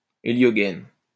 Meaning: heliosheath
- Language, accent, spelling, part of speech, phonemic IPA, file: French, France, héliogaine, noun, /e.ljɔ.ɡɛn/, LL-Q150 (fra)-héliogaine.wav